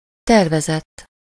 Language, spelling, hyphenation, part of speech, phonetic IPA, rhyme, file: Hungarian, tervezett, ter‧ve‧zett, verb / adjective, [ˈtɛrvɛzɛtː], -ɛtː, Hu-tervezett.ogg
- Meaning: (verb) 1. third-person singular indicative past indefinite of tervez 2. past participle of tervez; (adjective) planned, intended